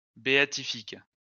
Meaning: beatific
- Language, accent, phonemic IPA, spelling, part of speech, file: French, France, /be.a.ti.fik/, béatifique, adjective, LL-Q150 (fra)-béatifique.wav